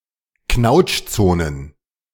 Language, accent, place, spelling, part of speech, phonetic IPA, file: German, Germany, Berlin, Knautschzonen, noun, [ˈknaʊ̯t͡ʃˌt͡soːnən], De-Knautschzonen.ogg
- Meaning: plural of Knautschzone